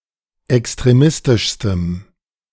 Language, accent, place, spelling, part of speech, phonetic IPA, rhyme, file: German, Germany, Berlin, extremistischstem, adjective, [ɛkstʁeˈmɪstɪʃstəm], -ɪstɪʃstəm, De-extremistischstem.ogg
- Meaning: strong dative masculine/neuter singular superlative degree of extremistisch